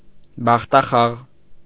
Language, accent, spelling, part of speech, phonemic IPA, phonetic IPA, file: Armenian, Eastern Armenian, բախտախաղ, noun, /bɑχtɑˈχɑʁ/, [bɑχtɑχɑ́ʁ], Hy-բախտախաղ .ogg
- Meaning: game of chance, gambling game